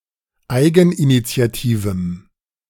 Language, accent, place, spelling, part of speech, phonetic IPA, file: German, Germany, Berlin, eigeninitiativem, adjective, [ˈaɪ̯ɡn̩ʔinit͡si̯aˌtiːvm̩], De-eigeninitiativem.ogg
- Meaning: strong dative masculine/neuter singular of eigeninitiativ